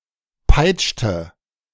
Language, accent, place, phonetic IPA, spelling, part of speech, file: German, Germany, Berlin, [ˈpaɪ̯t͡ʃtə], peitschte, verb, De-peitschte.ogg
- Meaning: inflection of peitschen: 1. first/third-person singular preterite 2. first/third-person singular subjunctive II